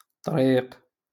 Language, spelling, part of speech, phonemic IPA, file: Moroccan Arabic, طريق, noun, /tˤriːq/, LL-Q56426 (ary)-طريق.wav
- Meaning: way, road, path, track, street